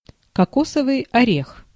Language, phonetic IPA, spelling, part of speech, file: Russian, [kɐˈkosəvɨj ɐˈrʲex], кокосовый орех, noun, Ru-кокосовый орех.ogg
- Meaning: coconut (fruit of coco palm)